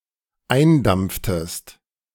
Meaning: inflection of eindampfen: 1. second-person singular dependent preterite 2. second-person singular dependent subjunctive II
- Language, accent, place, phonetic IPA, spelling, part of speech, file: German, Germany, Berlin, [ˈaɪ̯nˌdamp͡ftəst], eindampftest, verb, De-eindampftest.ogg